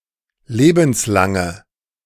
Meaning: inflection of lebenslang: 1. strong/mixed nominative/accusative feminine singular 2. strong nominative/accusative plural 3. weak nominative all-gender singular
- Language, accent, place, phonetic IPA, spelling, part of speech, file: German, Germany, Berlin, [ˈleːbn̩sˌlaŋə], lebenslange, adjective, De-lebenslange.ogg